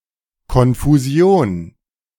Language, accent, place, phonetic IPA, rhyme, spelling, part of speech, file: German, Germany, Berlin, [kɔnfuˈzi̯oːn], -oːn, Konfusion, noun, De-Konfusion.ogg
- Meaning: confusion